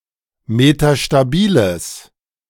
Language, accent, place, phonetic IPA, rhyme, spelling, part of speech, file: German, Germany, Berlin, [metaʃtaˈbiːləs], -iːləs, metastabiles, adjective, De-metastabiles.ogg
- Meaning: strong/mixed nominative/accusative neuter singular of metastabil